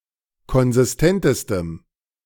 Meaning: strong dative masculine/neuter singular superlative degree of konsistent
- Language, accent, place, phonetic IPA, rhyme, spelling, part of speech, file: German, Germany, Berlin, [kɔnzɪsˈtɛntəstəm], -ɛntəstəm, konsistentestem, adjective, De-konsistentestem.ogg